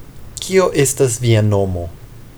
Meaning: what is your name?
- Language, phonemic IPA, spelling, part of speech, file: Esperanto, /ˈkio ˈestas ˈvia ˈnomo/, kio estas via nomo, phrase, Eo-kio estas via nomo.ogg